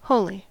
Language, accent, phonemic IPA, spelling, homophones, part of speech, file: English, US, /ˈhoʊli/, holy, wholly, adjective / interjection / noun, En-us-holy.ogg
- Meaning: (adjective) 1. Dedicated to a religious purpose or a god 2. Revered in a religion 3. Morally perfect or flawless, or nearly so 4. Separated or set apart from (something unto something or someone else)